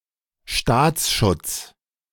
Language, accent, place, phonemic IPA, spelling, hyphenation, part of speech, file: German, Germany, Berlin, /ˈʃtaːt͡sˌʃʊts/, Staatsschutz, Staats‧schutz, noun, De-Staatsschutz.ogg
- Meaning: 1. state protection, state security, national security, national protection 2. state security apparatus